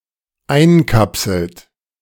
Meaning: inflection of einkapseln: 1. third-person singular dependent present 2. second-person plural dependent present
- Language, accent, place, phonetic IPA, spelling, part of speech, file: German, Germany, Berlin, [ˈaɪ̯nˌkapsl̩t], einkapselt, verb, De-einkapselt.ogg